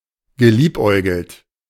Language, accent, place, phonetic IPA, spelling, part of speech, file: German, Germany, Berlin, [ɡəˈliːpˌʔɔɪ̯ɡl̩t], geliebäugelt, verb, De-geliebäugelt.ogg
- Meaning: past participle of liebäugeln